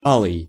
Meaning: 1. crimson, scarlet, vermilion 2. reddish, blood-red, ruby-colored
- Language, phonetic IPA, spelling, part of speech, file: Russian, [ˈaɫɨj], алый, adjective, Ru-алый.ogg